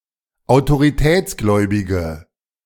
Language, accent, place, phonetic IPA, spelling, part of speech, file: German, Germany, Berlin, [aʊ̯toʁiˈtɛːt͡sˌɡlɔɪ̯bɪɡə], autoritätsgläubige, adjective, De-autoritätsgläubige.ogg
- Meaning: inflection of autoritätsgläubig: 1. strong/mixed nominative/accusative feminine singular 2. strong nominative/accusative plural 3. weak nominative all-gender singular